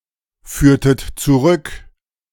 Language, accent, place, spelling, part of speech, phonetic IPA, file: German, Germany, Berlin, führtet zurück, verb, [ˌfyːɐ̯tət t͡suˈʁʏk], De-führtet zurück.ogg
- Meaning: inflection of zurückführen: 1. second-person plural preterite 2. second-person plural subjunctive II